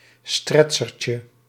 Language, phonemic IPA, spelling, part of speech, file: Dutch, /ˈstrɛtʃərcə/, stretchertje, noun, Nl-stretchertje.ogg
- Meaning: diminutive of stretcher